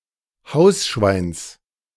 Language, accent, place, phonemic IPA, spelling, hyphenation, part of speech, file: German, Germany, Berlin, /ˈhaʊ̯sˌʃvaɪ̯ns/, Hausschweins, Haus‧schweins, noun, De-Hausschweins.ogg
- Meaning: genitive singular of Hausschwein